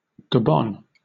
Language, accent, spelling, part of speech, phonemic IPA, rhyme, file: English, Southern England, Gabon, proper noun, /ɡəˈbɒn/, -ɒn, LL-Q1860 (eng)-Gabon.wav
- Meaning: A country in Central Africa. Official name: Gabonese Republic. Capital: Libreville